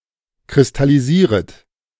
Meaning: second-person plural subjunctive I of kristallisieren
- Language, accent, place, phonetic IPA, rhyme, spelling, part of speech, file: German, Germany, Berlin, [kʁɪstaliˈziːʁət], -iːʁət, kristallisieret, verb, De-kristallisieret.ogg